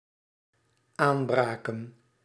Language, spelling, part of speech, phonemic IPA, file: Dutch, aanbraken, verb, /ˈaːmˌbraːkə(n)/, Nl-aanbraken.ogg
- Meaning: inflection of aanbreken: 1. plural dependent-clause past indicative 2. plural dependent-clause past subjunctive